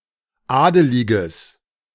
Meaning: strong/mixed nominative/accusative neuter singular of adelig
- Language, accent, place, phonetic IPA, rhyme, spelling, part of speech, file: German, Germany, Berlin, [ˈaːdəlɪɡəs], -aːdəlɪɡəs, adeliges, adjective, De-adeliges.ogg